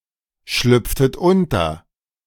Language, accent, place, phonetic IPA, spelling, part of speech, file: German, Germany, Berlin, [ˌʃlʏp͡ftət ˈʊntɐ], schlüpftet unter, verb, De-schlüpftet unter.ogg
- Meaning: inflection of unterschlüpfen: 1. second-person plural preterite 2. second-person plural subjunctive II